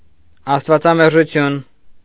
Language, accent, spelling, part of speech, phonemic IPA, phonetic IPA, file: Armenian, Eastern Armenian, աստվածամերժություն, noun, /ɑstvɑt͡sɑmeɾʒuˈtʰjun/, [ɑstvɑt͡sɑmeɾʒut͡sʰjún], Hy-աստվածամերժություն.ogg
- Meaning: atheism